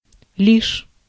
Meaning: 1. only, merely, just 2. as soon as
- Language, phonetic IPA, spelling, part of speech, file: Russian, [lʲiʂ], лишь, adverb, Ru-лишь.ogg